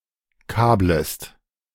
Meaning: second-person singular subjunctive I of kabeln
- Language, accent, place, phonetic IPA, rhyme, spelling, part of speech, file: German, Germany, Berlin, [ˈkaːbləst], -aːbləst, kablest, verb, De-kablest.ogg